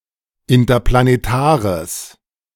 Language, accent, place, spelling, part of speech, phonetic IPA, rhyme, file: German, Germany, Berlin, interplanetares, adjective, [ɪntɐplaneˈtaːʁəs], -aːʁəs, De-interplanetares.ogg
- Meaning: strong/mixed nominative/accusative neuter singular of interplanetar